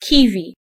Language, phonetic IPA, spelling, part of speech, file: Polish, [ˈki.vʲi], kiwi, noun, Pl-kiwi.ogg